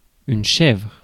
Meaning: 1. goat (species) 2. she-goat (individual female animal) 3. goat cheese, goat's cheese
- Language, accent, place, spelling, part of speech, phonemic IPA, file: French, France, Paris, chèvre, noun, /ʃɛvʁ/, Fr-chèvre.ogg